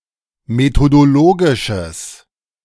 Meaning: strong/mixed nominative/accusative neuter singular of methodologisch
- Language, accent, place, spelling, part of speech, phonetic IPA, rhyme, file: German, Germany, Berlin, methodologisches, adjective, [metodoˈloːɡɪʃəs], -oːɡɪʃəs, De-methodologisches.ogg